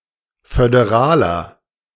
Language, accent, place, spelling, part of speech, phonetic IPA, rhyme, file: German, Germany, Berlin, föderaler, adjective, [fødeˈʁaːlɐ], -aːlɐ, De-föderaler.ogg
- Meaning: 1. comparative degree of föderal 2. inflection of föderal: strong/mixed nominative masculine singular 3. inflection of föderal: strong genitive/dative feminine singular